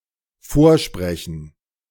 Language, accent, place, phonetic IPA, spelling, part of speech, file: German, Germany, Berlin, [ˈfoːɐ̯ˌʃpʁɛçn̩], vorsprechen, verb, De-vorsprechen.ogg
- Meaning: 1. to audition (by reciting) 2. to pay a visit 3. to prompt